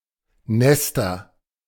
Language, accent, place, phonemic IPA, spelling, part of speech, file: German, Germany, Berlin, /ˈnɛstɐ/, Nester, noun, De-Nester.ogg
- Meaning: nominative/accusative/genitive plural of Nest